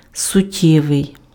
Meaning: 1. essential (constituting or showing the essence of an entity) 2. essential, vital, significant, substantial (of high importance)
- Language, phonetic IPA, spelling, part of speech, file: Ukrainian, [sʊˈtʲːɛʋei̯], суттєвий, adjective, Uk-суттєвий.ogg